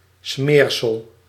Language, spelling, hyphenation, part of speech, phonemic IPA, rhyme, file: Dutch, smeersel, smeer‧sel, noun, /ˈsmeːr.səl/, -eːrsəl, Nl-smeersel.ogg
- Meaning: 1. ointment, balm; (pharmacy) liquid emulsion 2. spread (type of food designed to be spread)